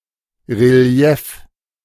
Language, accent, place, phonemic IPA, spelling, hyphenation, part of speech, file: German, Germany, Berlin, /reˈli̯ɛf/, Relief, Re‧li‧ef, noun, De-Relief.ogg
- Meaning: 1. relief (kind of sculpture) 2. relief